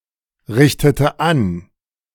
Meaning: inflection of anrichten: 1. first/third-person singular preterite 2. first/third-person singular subjunctive II
- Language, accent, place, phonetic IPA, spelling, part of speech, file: German, Germany, Berlin, [ˌʁɪçtətə ˈan], richtete an, verb, De-richtete an.ogg